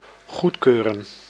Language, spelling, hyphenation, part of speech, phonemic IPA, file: Dutch, goedkeuren, goed‧keu‧ren, verb, /ˈɣutˌkøː.rə(n)/, Nl-goedkeuren.ogg
- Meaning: to approve, to confirm, to endorse